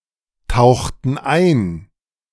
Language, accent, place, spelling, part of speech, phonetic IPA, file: German, Germany, Berlin, tauchten ein, verb, [ˌtaʊ̯xtn̩ ˈaɪ̯n], De-tauchten ein.ogg
- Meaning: inflection of eintauchen: 1. first/third-person plural preterite 2. first/third-person plural subjunctive II